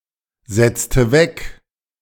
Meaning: inflection of wegsetzen: 1. first/third-person singular preterite 2. first/third-person singular subjunctive II
- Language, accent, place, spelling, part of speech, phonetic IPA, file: German, Germany, Berlin, setzte weg, verb, [ˌzɛtstə ˌvɛk], De-setzte weg.ogg